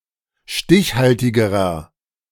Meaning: inflection of stichhaltig: 1. strong/mixed nominative masculine singular comparative degree 2. strong genitive/dative feminine singular comparative degree 3. strong genitive plural comparative degree
- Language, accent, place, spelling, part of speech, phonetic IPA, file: German, Germany, Berlin, stichhaltigerer, adjective, [ˈʃtɪçˌhaltɪɡəʁɐ], De-stichhaltigerer.ogg